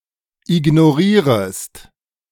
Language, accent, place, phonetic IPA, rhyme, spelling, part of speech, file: German, Germany, Berlin, [ɪɡnoˈʁiːʁəst], -iːʁəst, ignorierest, verb, De-ignorierest.ogg
- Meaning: second-person singular subjunctive I of ignorieren